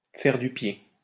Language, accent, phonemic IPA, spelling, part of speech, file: French, France, /fɛʁ dy pje/, faire du pied, verb, LL-Q150 (fra)-faire du pied.wav
- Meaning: to play footsie